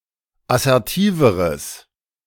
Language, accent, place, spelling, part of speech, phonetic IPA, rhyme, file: German, Germany, Berlin, assertiveres, adjective, [asɛʁˈtiːvəʁəs], -iːvəʁəs, De-assertiveres.ogg
- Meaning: strong/mixed nominative/accusative neuter singular comparative degree of assertiv